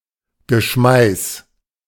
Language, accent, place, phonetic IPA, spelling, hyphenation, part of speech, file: German, Germany, Berlin, [ɡəˈʃmaɪ̯s], Geschmeiß, Ge‧schmeiß, noun, De-Geschmeiß.ogg
- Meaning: vermin